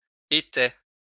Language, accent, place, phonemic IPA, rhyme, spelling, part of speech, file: French, France, Lyon, /e.tɛ/, -ɛ, étais, verb / noun, LL-Q150 (fra)-étais.wav
- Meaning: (verb) first/second-person singular imperfect indicative of être; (noun) plural of étai